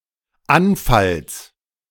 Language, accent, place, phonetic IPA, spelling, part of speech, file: German, Germany, Berlin, [ˈanˌfals], Anfalls, noun, De-Anfalls.ogg
- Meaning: genitive singular of Anfall